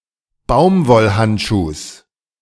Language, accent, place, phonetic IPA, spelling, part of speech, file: German, Germany, Berlin, [ˈbaʊ̯mvɔlˌhantʃuːs], Baumwollhandschuhs, noun, De-Baumwollhandschuhs.ogg
- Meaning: genitive singular of Baumwollhandschuh